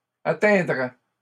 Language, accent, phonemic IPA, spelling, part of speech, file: French, Canada, /a.tɛ̃.dʁɛ/, atteindrais, verb, LL-Q150 (fra)-atteindrais.wav
- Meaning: first/second-person singular conditional of atteindre